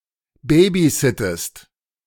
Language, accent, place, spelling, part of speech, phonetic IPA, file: German, Germany, Berlin, babysittest, verb, [ˈbeːbiˌzɪtəst], De-babysittest.ogg
- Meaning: inflection of babysitten: 1. second-person singular present 2. second-person singular subjunctive I